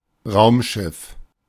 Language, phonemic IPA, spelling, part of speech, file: German, /ˈʁaʊ̯mˌʃɪf/, Raumschiff, noun, De-Raumschiff.oga
- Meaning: spaceship, spacecraft